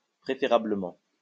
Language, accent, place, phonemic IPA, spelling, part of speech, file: French, France, Lyon, /pʁe.fe.ʁa.blə.mɑ̃/, préférablement, adverb, LL-Q150 (fra)-préférablement.wav
- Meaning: preferably